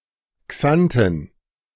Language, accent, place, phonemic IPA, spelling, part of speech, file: German, Germany, Berlin, /ˈksan.tən/, Xanten, proper noun, De-Xanten.ogg
- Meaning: Xanten (a town in Lower Rhine, North Rhine-Westphalia, Germany)